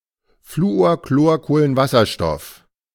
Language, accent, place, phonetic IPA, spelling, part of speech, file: German, Germany, Berlin, [ˌfluoːɐ̯ˌkloːɐ̯ˌkoːlənˈvasɐˌʃtɔf], Fluorchlorkohlenwasserstoff, noun, De-Fluorchlorkohlenwasserstoff.ogg
- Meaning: chlorofluorocarbon